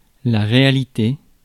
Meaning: 1. reality; actuality; truth 2. realia, entity in the world
- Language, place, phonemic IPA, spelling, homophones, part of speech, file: French, Paris, /ʁe.a.li.te/, réalité, réalités, noun, Fr-réalité.ogg